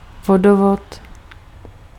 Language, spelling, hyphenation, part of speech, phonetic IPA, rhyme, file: Czech, vodovod, vo‧do‧vod, noun, [ˈvodovot], -ovot, Cs-vodovod.ogg
- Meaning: waterworks, plumbing